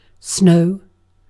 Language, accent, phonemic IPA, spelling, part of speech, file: English, Received Pronunciation, /snəʊ̯/, snow, noun / verb / adjective, En-uk-snow.ogg